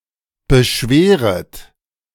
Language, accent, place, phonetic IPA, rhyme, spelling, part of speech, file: German, Germany, Berlin, [bəˈʃveːʁət], -eːʁət, beschweret, verb, De-beschweret.ogg
- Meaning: second-person plural subjunctive I of beschweren